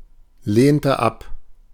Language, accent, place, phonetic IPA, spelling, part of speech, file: German, Germany, Berlin, [ˌleːntə ˈap], lehnte ab, verb, De-lehnte ab.ogg
- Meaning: inflection of ablehnen: 1. first/third-person singular preterite 2. first/third-person singular subjunctive II